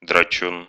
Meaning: fighter, brawler
- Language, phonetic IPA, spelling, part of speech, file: Russian, [drɐˈt͡ɕun], драчун, noun, Ru-драчу́н.ogg